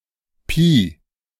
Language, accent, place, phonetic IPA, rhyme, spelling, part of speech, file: German, Germany, Berlin, [piː], -iː, Pi, noun, De-Pi.ogg
- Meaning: 1. pi (Greek letter) 2. pi, an important constant